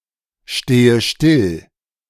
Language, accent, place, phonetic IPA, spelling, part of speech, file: German, Germany, Berlin, [ˌʃteːə ˈʃtɪl], stehe still, verb, De-stehe still.ogg
- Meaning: inflection of stillstehen: 1. first-person singular present 2. first/third-person singular subjunctive I 3. singular imperative